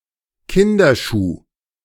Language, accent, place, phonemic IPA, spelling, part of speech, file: German, Germany, Berlin, /ˈkɪndɐˌʃuː/, Kinderschuh, noun, De-Kinderschuh.ogg
- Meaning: children's shoe